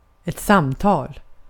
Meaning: 1. a conversation 2. a conversation: a talk 3. a call (telephone call)
- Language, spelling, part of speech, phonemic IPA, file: Swedish, samtal, noun, /ˈsamˌtɑːl/, Sv-samtal.ogg